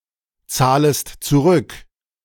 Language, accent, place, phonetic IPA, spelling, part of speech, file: German, Germany, Berlin, [ˌt͡saːləst t͡suˈʁʏk], zahlest zurück, verb, De-zahlest zurück.ogg
- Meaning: second-person singular subjunctive I of zurückzahlen